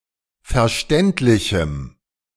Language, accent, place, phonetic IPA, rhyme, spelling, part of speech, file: German, Germany, Berlin, [fɛɐ̯ˈʃtɛntlɪçm̩], -ɛntlɪçm̩, verständlichem, adjective, De-verständlichem.ogg
- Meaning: strong dative masculine/neuter singular of verständlich